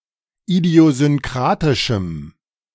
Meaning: strong dative masculine/neuter singular of idiosynkratisch
- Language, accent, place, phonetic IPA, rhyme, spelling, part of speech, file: German, Germany, Berlin, [idi̯ozʏnˈkʁaːtɪʃm̩], -aːtɪʃm̩, idiosynkratischem, adjective, De-idiosynkratischem.ogg